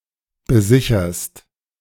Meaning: second-person singular present of besichern
- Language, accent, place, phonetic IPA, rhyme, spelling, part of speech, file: German, Germany, Berlin, [bəˈzɪçɐst], -ɪçɐst, besicherst, verb, De-besicherst.ogg